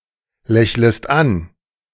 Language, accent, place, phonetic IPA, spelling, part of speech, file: German, Germany, Berlin, [ˌlɛçləst ˈan], lächlest an, verb, De-lächlest an.ogg
- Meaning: second-person singular subjunctive I of anlächeln